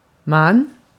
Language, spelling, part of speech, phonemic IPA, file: Swedish, man, noun / pronoun, /man/, Sv-man.ogg
- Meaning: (noun) 1. man (adult male human) 2. husband 3. a member of a crew, workforce or (military) troop 4. man (usually friendly term of address)